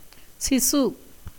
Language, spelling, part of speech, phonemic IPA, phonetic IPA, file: Tamil, சிசு, noun, /tʃɪtʃɯ/, [sɪsɯ], Ta-சிசு.ogg
- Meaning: 1. foetus 2. child